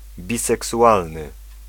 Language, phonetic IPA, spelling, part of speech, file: Polish, [ˌbʲisɛksuˈʷalnɨ], biseksualny, adjective, Pl-biseksualny.ogg